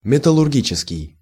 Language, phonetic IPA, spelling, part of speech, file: Russian, [mʲɪtəɫʊrˈɡʲit͡ɕɪskʲɪj], металлургический, adjective, Ru-металлургический.ogg
- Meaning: metallurgical, metallurgic